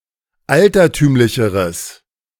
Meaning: strong/mixed nominative/accusative neuter singular comparative degree of altertümlich
- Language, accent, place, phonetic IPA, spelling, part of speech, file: German, Germany, Berlin, [ˈaltɐˌtyːmlɪçəʁəs], altertümlicheres, adjective, De-altertümlicheres.ogg